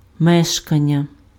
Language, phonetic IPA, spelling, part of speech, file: Ukrainian, [ˈmɛʃkɐnʲːɐ], мешкання, noun, Uk-мешкання.ogg
- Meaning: 1. habitation (act or state of inhabiting) 2. dwelling place